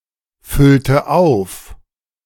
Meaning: inflection of auffüllen: 1. first/third-person singular preterite 2. first/third-person singular subjunctive II
- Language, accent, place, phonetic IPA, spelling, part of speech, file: German, Germany, Berlin, [ˌfʏltə ˈaʊ̯f], füllte auf, verb, De-füllte auf.ogg